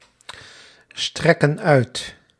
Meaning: inflection of uitstrekken: 1. plural present indicative 2. plural present subjunctive
- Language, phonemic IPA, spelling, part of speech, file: Dutch, /ˈstrɛkə(n) ˈœyt/, strekken uit, verb, Nl-strekken uit.ogg